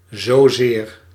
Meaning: 1. so much 2. not so much (...) as (...)
- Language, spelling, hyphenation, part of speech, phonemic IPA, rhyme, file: Dutch, zozeer, zo‧zeer, adverb, /zoːˈzeːr/, -eːr, Nl-zozeer.ogg